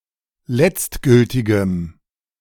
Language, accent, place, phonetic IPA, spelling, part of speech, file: German, Germany, Berlin, [ˈlɛt͡stˌɡʏltɪɡəm], letztgültigem, adjective, De-letztgültigem.ogg
- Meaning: strong dative masculine/neuter singular of letztgültig